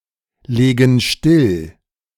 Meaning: inflection of stilllegen: 1. first/third-person plural present 2. first/third-person plural subjunctive I
- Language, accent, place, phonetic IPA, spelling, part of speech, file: German, Germany, Berlin, [ˌleːɡn̩ ˈʃtɪl], legen still, verb, De-legen still.ogg